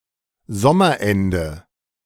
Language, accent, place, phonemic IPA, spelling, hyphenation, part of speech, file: German, Germany, Berlin, /ˈzɔmɐˌɛndə/, Sommerende, Som‧mer‧en‧de, noun, De-Sommerende.ogg
- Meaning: late summer, end of summer